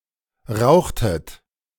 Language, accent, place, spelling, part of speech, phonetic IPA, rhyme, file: German, Germany, Berlin, rauchtet, verb, [ˈʁaʊ̯xtət], -aʊ̯xtət, De-rauchtet.ogg
- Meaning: inflection of rauchen: 1. second-person plural preterite 2. second-person plural subjunctive II